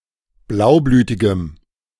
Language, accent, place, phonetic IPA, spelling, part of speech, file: German, Germany, Berlin, [ˈblaʊ̯ˌblyːtɪɡəm], blaublütigem, adjective, De-blaublütigem.ogg
- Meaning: strong dative masculine/neuter singular of blaublütig